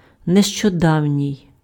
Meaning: recent
- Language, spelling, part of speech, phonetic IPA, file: Ukrainian, нещодавній, adjective, [neʃt͡ʃɔˈdau̯nʲii̯], Uk-нещодавній.ogg